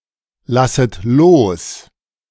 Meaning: second-person plural subjunctive I of loslassen
- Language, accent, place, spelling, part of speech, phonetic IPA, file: German, Germany, Berlin, lasset los, verb, [ˌlasət ˈloːs], De-lasset los.ogg